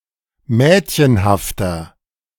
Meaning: 1. comparative degree of mädchenhaft 2. inflection of mädchenhaft: strong/mixed nominative masculine singular 3. inflection of mädchenhaft: strong genitive/dative feminine singular
- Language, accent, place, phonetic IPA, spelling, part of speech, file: German, Germany, Berlin, [ˈmɛːtçənhaftɐ], mädchenhafter, adjective, De-mädchenhafter.ogg